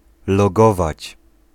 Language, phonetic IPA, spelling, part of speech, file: Polish, [lɔˈɡɔvat͡ɕ], logować, verb, Pl-logować.ogg